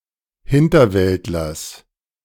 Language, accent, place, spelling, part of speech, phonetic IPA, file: German, Germany, Berlin, Hinterwäldlers, noun, [ˈhɪntɐˌvɛltlɐs], De-Hinterwäldlers.ogg
- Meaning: genitive singular of Hinterwäldler